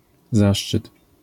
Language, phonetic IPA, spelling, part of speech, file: Polish, [ˈzaʃt͡ʃɨt], zaszczyt, noun, LL-Q809 (pol)-zaszczyt.wav